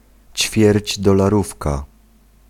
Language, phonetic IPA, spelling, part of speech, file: Polish, [ˌt͡ɕfʲjɛrʲd͡ʑdɔlaˈrufka], ćwierćdolarówka, noun, Pl-ćwierćdolarówka.ogg